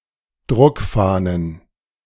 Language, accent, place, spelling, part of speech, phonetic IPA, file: German, Germany, Berlin, Druckfahnen, noun, [ˈdʁʊkˌfaːnən], De-Druckfahnen.ogg
- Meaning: plural of Druckfahne